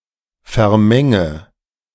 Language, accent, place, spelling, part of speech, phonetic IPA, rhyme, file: German, Germany, Berlin, vermenge, verb, [fɛɐ̯ˈmɛŋə], -ɛŋə, De-vermenge.ogg
- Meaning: inflection of vermengen: 1. first-person singular present 2. first/third-person singular subjunctive I 3. singular imperative